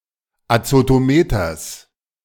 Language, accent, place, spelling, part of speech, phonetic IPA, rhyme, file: German, Germany, Berlin, Azotometers, noun, [at͡sotoˈmeːtɐs], -eːtɐs, De-Azotometers.ogg
- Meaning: genitive singular of Azotometer